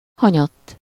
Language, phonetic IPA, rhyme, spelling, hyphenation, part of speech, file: Hungarian, [ˈhɒɲɒtː], -ɒtː, hanyatt, ha‧nyatt, adverb, Hu-hanyatt.ogg
- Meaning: 1. on one's back (in a supine position) 2. over (from an upright position to being horizontal)